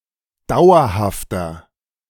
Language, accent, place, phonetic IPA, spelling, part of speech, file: German, Germany, Berlin, [ˈdaʊ̯ɐhaftɐ], dauerhafter, adjective, De-dauerhafter.ogg
- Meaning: inflection of dauerhaft: 1. strong/mixed nominative masculine singular 2. strong genitive/dative feminine singular 3. strong genitive plural